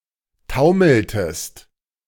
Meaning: inflection of taumeln: 1. second-person singular preterite 2. second-person singular subjunctive II
- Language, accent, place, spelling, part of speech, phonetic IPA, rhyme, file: German, Germany, Berlin, taumeltest, verb, [ˈtaʊ̯ml̩təst], -aʊ̯ml̩təst, De-taumeltest.ogg